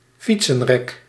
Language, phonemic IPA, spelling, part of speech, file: Dutch, /ˈfitsərɛk/, fietsenrek, noun, Nl-fietsenrek.ogg
- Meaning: 1. a bicycle stand or bike rack 2. a (bad) set of teeth with one or more diastemas and/or missing teeth